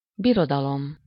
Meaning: empire, realm
- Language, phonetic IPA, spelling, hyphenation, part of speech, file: Hungarian, [ˈbirodɒlom], birodalom, bi‧ro‧da‧lom, noun, Hu-birodalom.ogg